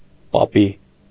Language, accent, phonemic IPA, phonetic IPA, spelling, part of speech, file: Armenian, Eastern Armenian, /pɑˈpi/, [pɑpí], պապի, noun, Hy-պապի.ogg
- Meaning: 1. grandpa 2. a form of address to a familiar elderly man, usually following the person's name